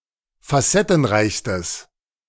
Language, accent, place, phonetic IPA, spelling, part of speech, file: German, Germany, Berlin, [faˈsɛtn̩ˌʁaɪ̯çstəs], facettenreichstes, adjective, De-facettenreichstes.ogg
- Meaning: strong/mixed nominative/accusative neuter singular superlative degree of facettenreich